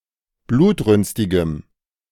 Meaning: strong dative masculine/neuter singular of blutrünstig
- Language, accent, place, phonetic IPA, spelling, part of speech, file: German, Germany, Berlin, [ˈbluːtˌʁʏnstɪɡəm], blutrünstigem, adjective, De-blutrünstigem.ogg